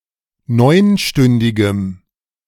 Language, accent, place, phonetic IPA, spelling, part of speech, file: German, Germany, Berlin, [ˈnɔɪ̯nˌʃtʏndɪɡəm], neunstündigem, adjective, De-neunstündigem.ogg
- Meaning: strong dative masculine/neuter singular of neunstündig